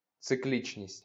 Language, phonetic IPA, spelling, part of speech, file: Ukrainian, [t͡seˈklʲit͡ʃnʲisʲtʲ], циклічність, noun, LL-Q8798 (ukr)-циклічність.wav
- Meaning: cyclicality, cyclicity